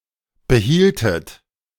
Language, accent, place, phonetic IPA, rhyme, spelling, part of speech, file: German, Germany, Berlin, [bəˈhiːltət], -iːltət, behieltet, verb, De-behieltet.ogg
- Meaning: inflection of behalten: 1. second-person plural preterite 2. second-person plural subjunctive II